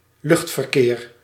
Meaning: air traffic
- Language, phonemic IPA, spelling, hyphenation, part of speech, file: Dutch, /ˈlʏxt.vərˌkeːr/, luchtverkeer, lucht‧ver‧keer, noun, Nl-luchtverkeer.ogg